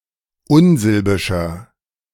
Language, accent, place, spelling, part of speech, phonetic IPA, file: German, Germany, Berlin, unsilbischer, adjective, [ˈʊnˌzɪlbɪʃɐ], De-unsilbischer.ogg
- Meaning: inflection of unsilbisch: 1. strong/mixed nominative masculine singular 2. strong genitive/dative feminine singular 3. strong genitive plural